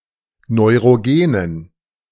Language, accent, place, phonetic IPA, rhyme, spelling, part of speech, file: German, Germany, Berlin, [nɔɪ̯ʁoˈɡeːnən], -eːnən, neurogenen, adjective, De-neurogenen.ogg
- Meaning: inflection of neurogen: 1. strong genitive masculine/neuter singular 2. weak/mixed genitive/dative all-gender singular 3. strong/weak/mixed accusative masculine singular 4. strong dative plural